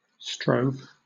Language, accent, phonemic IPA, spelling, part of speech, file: English, Southern England, /ˈstɹɔʊv/, strove, verb, LL-Q1860 (eng)-strove.wav
- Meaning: 1. simple past of strive 2. past participle of strive